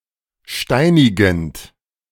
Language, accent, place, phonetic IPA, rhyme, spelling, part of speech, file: German, Germany, Berlin, [ˈʃtaɪ̯nɪɡn̩t], -aɪ̯nɪɡn̩t, steinigend, verb, De-steinigend.ogg
- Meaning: present participle of steinigen